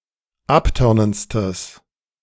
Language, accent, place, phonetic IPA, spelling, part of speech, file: German, Germany, Berlin, [ˈapˌtœʁnənt͡stəs], abtörnendstes, adjective, De-abtörnendstes.ogg
- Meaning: strong/mixed nominative/accusative neuter singular superlative degree of abtörnend